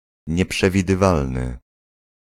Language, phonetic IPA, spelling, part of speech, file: Polish, [ˌɲɛpʃɛvʲidɨˈvalnɨ], nieprzewidywalny, adjective, Pl-nieprzewidywalny.ogg